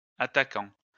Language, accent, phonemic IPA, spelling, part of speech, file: French, France, /a.ta.kɑ̃/, attaquants, noun, LL-Q150 (fra)-attaquants.wav
- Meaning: plural of attaquant